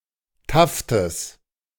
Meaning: genitive of Taft
- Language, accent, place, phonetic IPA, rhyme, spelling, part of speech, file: German, Germany, Berlin, [ˈtaftəs], -aftəs, Taftes, noun, De-Taftes.ogg